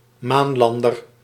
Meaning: moon lander
- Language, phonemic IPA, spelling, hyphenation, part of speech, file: Dutch, /ˈmaːnˌlɑn.dər/, maanlander, maan‧lan‧der, noun, Nl-maanlander.ogg